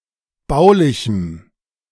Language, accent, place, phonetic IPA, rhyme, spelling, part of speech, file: German, Germany, Berlin, [ˈbaʊ̯lɪçm̩], -aʊ̯lɪçm̩, baulichem, adjective, De-baulichem.ogg
- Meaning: strong dative masculine/neuter singular of baulich